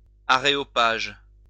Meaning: 1. Areopagus (supreme judicial and legislative council of Athens) 2. group of eminent people
- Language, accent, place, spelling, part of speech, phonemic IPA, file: French, France, Lyon, aréopage, noun, /a.ʁe.ɔ.paʒ/, LL-Q150 (fra)-aréopage.wav